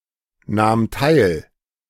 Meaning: first/third-person singular preterite of teilnehmen
- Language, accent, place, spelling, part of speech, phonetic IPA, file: German, Germany, Berlin, nahm teil, verb, [ˌnaːm ˈtaɪ̯l], De-nahm teil.ogg